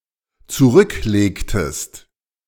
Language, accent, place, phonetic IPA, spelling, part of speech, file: German, Germany, Berlin, [t͡suˈʁʏkˌleːktəst], zurücklegtest, verb, De-zurücklegtest.ogg
- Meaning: inflection of zurücklegen: 1. second-person singular dependent preterite 2. second-person singular dependent subjunctive II